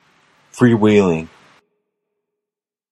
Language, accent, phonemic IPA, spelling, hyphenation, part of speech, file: English, General American, /ˈfɹiˌ(h)wilɪŋ/, freewheeling, free‧wheel‧ing, adjective / verb, En-us-freewheeling.flac
- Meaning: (adjective) Unbounded by rules or conventions; unrestrained; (verb) present participle and gerund of freewheel